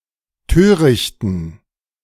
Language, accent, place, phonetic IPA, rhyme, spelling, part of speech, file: German, Germany, Berlin, [ˈtøːʁɪçtn̩], -øːʁɪçtn̩, törichten, adjective, De-törichten.ogg
- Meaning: inflection of töricht: 1. strong genitive masculine/neuter singular 2. weak/mixed genitive/dative all-gender singular 3. strong/weak/mixed accusative masculine singular 4. strong dative plural